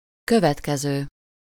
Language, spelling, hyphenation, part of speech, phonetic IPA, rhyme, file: Hungarian, következő, kö‧vet‧ke‧ző, verb / adjective / noun, [ˈkøvɛtkɛzøː], -zøː, Hu-következő.ogg
- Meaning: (verb) present participle of következik; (adjective) 1. next, following (nearest in place, position, order, or succession) 2. next, following (nearest in time) 3. following (about to be specified)